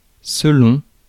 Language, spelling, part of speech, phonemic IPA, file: French, selon, preposition, /sə.lɔ̃/, Fr-selon.ogg
- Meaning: according to; whichever applies; depending on